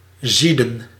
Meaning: 1. to boil 2. to prepare by boiling 3. to seethe, to be in a violent or mentally agitated state
- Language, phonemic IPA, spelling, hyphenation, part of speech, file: Dutch, /ˈzidə(n)/, zieden, zie‧den, verb, Nl-zieden.ogg